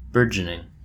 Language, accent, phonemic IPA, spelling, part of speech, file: English, US, /ˈbɝ.d͡ʒə.nɪŋ/, burgeoning, verb / noun / adjective, En-us-burgeoning.oga
- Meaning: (verb) present participle and gerund of burgeon; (noun) 1. The act of budding or sprouting 2. A bud or branch 3. A new growth or expansion of something